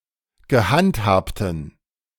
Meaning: inflection of gehandhabt: 1. strong genitive masculine/neuter singular 2. weak/mixed genitive/dative all-gender singular 3. strong/weak/mixed accusative masculine singular 4. strong dative plural
- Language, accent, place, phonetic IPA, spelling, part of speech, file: German, Germany, Berlin, [ɡəˈhantˌhaːptn̩], gehandhabten, adjective, De-gehandhabten.ogg